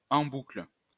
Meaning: on a loop, on repeat, endlessly
- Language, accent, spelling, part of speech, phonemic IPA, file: French, France, en boucle, prepositional phrase, /ɑ̃ bukl/, LL-Q150 (fra)-en boucle.wav